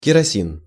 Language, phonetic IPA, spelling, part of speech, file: Russian, [kʲɪrɐˈsʲin], керосин, noun, Ru-керосин.ogg
- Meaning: kerosene